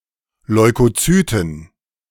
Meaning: plural of Leukozyt
- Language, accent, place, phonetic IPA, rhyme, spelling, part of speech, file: German, Germany, Berlin, [lɔɪ̯koˈt͡syːtn̩], -yːtn̩, Leukozyten, noun, De-Leukozyten.ogg